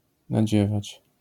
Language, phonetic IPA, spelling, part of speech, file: Polish, [naˈd͡ʑɛvat͡ɕ], nadziewać, verb, LL-Q809 (pol)-nadziewać.wav